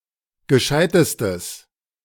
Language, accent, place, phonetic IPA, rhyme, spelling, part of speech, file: German, Germany, Berlin, [ɡəˈʃaɪ̯təstəs], -aɪ̯təstəs, gescheitestes, adjective, De-gescheitestes.ogg
- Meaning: strong/mixed nominative/accusative neuter singular superlative degree of gescheit